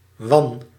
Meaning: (noun) winnowing basket; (verb) inflection of wannen: 1. first-person singular present indicative 2. second-person singular present indicative 3. imperative
- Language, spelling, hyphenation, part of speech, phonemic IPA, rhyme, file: Dutch, wan, wan, noun / verb, /ʋɑn/, -ɑn, Nl-wan.ogg